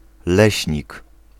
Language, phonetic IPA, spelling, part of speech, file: Polish, [ˈlɛɕɲik], leśnik, noun, Pl-leśnik.ogg